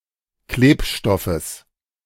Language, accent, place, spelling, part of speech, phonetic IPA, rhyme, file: German, Germany, Berlin, Klebstoffes, noun, [ˈkleːpˌʃtɔfəs], -eːpʃtɔfəs, De-Klebstoffes.ogg
- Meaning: genitive singular of Klebstoff